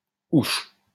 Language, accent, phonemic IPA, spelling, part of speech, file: French, France, /uʃ/, ouch, interjection, LL-Q150 (fra)-ouch.wav
- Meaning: interjection expressing a sharp pain: ouch!